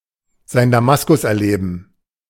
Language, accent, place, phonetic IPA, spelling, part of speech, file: German, Germany, Berlin, [ˌzaɪ̯n daˈmaskʊs ʔɛɐ̯ˌleːbn̩], sein Damaskus erleben, verb, De-sein Damaskus erleben.ogg
- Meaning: to find one's road to Damascus